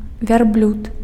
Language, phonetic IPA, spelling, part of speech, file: Belarusian, [vʲarˈblʲut], вярблюд, noun, Be-вярблюд.ogg
- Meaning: camel